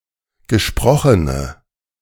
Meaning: inflection of gesprochen: 1. strong/mixed nominative/accusative feminine singular 2. strong nominative/accusative plural 3. weak nominative all-gender singular
- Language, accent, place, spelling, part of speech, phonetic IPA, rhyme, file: German, Germany, Berlin, gesprochene, adjective, [ɡəˈʃpʁɔxənə], -ɔxənə, De-gesprochene.ogg